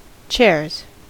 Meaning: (noun) plural of chair; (verb) third-person singular simple present indicative of chair
- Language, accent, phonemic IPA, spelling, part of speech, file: English, US, /t͡ʃɛɹz/, chairs, noun / verb, En-us-chairs.ogg